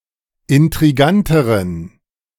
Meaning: inflection of intrigant: 1. strong genitive masculine/neuter singular comparative degree 2. weak/mixed genitive/dative all-gender singular comparative degree
- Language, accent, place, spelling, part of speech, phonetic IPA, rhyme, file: German, Germany, Berlin, intriganteren, adjective, [ɪntʁiˈɡantəʁən], -antəʁən, De-intriganteren.ogg